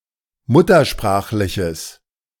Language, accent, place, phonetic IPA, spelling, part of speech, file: German, Germany, Berlin, [ˈmʊtɐˌʃpʁaːxlɪçəs], muttersprachliches, adjective, De-muttersprachliches.ogg
- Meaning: strong/mixed nominative/accusative neuter singular of muttersprachlich